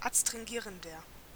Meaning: inflection of adstringierend: 1. strong/mixed nominative masculine singular 2. strong genitive/dative feminine singular 3. strong genitive plural
- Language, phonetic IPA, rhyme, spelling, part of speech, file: German, [atstʁɪŋˈɡiːʁəndɐ], -iːʁəndɐ, adstringierender, adjective, De-adstringierender.ogg